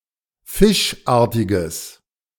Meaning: strong/mixed nominative/accusative neuter singular of fischartig
- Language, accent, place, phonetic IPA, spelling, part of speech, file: German, Germany, Berlin, [ˈfɪʃˌʔaːɐ̯tɪɡəs], fischartiges, adjective, De-fischartiges.ogg